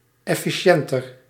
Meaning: comparative degree of efficiënt
- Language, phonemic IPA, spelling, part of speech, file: Dutch, /ˌɛfiˈʃɛntər/, efficiënter, adjective, Nl-efficiënter.ogg